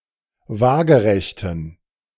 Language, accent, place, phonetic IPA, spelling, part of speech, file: German, Germany, Berlin, [ˈvaːɡəʁɛçtn̩], waagerechten, adjective, De-waagerechten.ogg
- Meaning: inflection of waagerecht: 1. strong genitive masculine/neuter singular 2. weak/mixed genitive/dative all-gender singular 3. strong/weak/mixed accusative masculine singular 4. strong dative plural